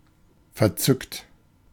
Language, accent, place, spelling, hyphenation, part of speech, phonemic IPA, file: German, Germany, Berlin, verzückt, ver‧zückt, verb / adjective, /fɛɐ̯ˈt͡sʏkt/, De-verzückt.ogg
- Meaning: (verb) past participle of verzücken; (adjective) 1. ecstatic, enraptured 2. enthusiastic; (verb) inflection of verzücken: 1. third-person singular present 2. second-person plural present